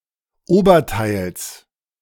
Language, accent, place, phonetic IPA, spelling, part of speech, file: German, Germany, Berlin, [ˈoːbɐˌtaɪ̯ls], Oberteils, noun, De-Oberteils.ogg
- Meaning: genitive of Oberteil